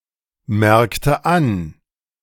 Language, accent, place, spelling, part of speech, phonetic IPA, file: German, Germany, Berlin, merkte an, verb, [ˌmɛʁktə ˈan], De-merkte an.ogg
- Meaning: inflection of anmerken: 1. first/third-person singular preterite 2. first/third-person singular subjunctive II